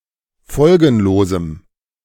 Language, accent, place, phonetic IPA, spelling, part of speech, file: German, Germany, Berlin, [ˈfɔlɡn̩loːzm̩], folgenlosem, adjective, De-folgenlosem.ogg
- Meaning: strong dative masculine/neuter singular of folgenlos